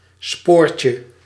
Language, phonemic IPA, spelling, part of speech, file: Dutch, /ˈsporcə/, spoortje, noun, Nl-spoortje.ogg
- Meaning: diminutive of spoor